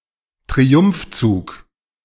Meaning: victory procession
- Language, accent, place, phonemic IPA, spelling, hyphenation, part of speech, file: German, Germany, Berlin, /tʁiˈʊmfˌt͡suːk/, Triumphzug, Tri‧umph‧zug, noun, De-Triumphzug.ogg